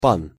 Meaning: 1. Polish landowner, feudal lord, or gentleman 2. sir, mister, gentleman, lord 3. Polack, a Polish person
- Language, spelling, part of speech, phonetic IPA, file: Russian, пан, noun, [pan], Ru-пан.ogg